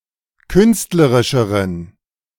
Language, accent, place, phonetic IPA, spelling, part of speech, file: German, Germany, Berlin, [ˈkʏnstləʁɪʃəʁən], künstlerischeren, adjective, De-künstlerischeren.ogg
- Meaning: inflection of künstlerisch: 1. strong genitive masculine/neuter singular comparative degree 2. weak/mixed genitive/dative all-gender singular comparative degree